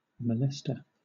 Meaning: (noun) One who molests; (verb) Alternative form of molest
- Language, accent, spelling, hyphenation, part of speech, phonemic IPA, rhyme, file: English, Southern England, molester, mo‧lest‧er, noun / verb, /məˈlɛstə(ɹ)/, -ɛstə(ɹ), LL-Q1860 (eng)-molester.wav